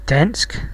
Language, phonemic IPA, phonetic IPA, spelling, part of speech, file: Danish, /dansk/, [ˈd̥ænˀsɡ̊], dansk, adjective / noun, Da-dansk.ogg
- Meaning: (adjective) Danish (of or pertaining to Denmark); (noun) 1. the Danish language 2. Dane 3. the Danish people